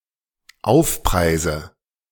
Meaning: nominative/accusative/genitive plural of Aufpreis
- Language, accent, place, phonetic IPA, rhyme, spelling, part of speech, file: German, Germany, Berlin, [ˈaʊ̯fˌpʁaɪ̯zə], -aʊ̯fpʁaɪ̯zə, Aufpreise, noun, De-Aufpreise.ogg